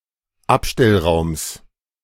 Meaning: genitive of Abstellraum
- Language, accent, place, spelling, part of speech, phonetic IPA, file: German, Germany, Berlin, Abstellraums, noun, [ˈapʃtɛlˌʁaʊ̯ms], De-Abstellraums.ogg